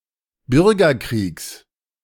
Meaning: genitive singular of Bürgerkrieg
- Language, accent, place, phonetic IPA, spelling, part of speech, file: German, Germany, Berlin, [ˈbʏʁɡɐˌkʁiːks], Bürgerkriegs, noun, De-Bürgerkriegs.ogg